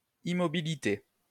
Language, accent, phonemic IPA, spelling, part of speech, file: French, France, /i.mɔ.bi.li.te/, immobilité, noun, LL-Q150 (fra)-immobilité.wav
- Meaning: immobility, stillness